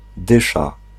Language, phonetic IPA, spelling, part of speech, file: Polish, [ˈdɨʃa], dysza, noun, Pl-dysza.ogg